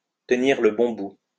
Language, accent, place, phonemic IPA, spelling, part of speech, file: French, France, Lyon, /tə.niʁ lə bɔ̃ bu/, tenir le bon bout, verb, LL-Q150 (fra)-tenir le bon bout.wav
- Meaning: to be on the right track, to be about to succeed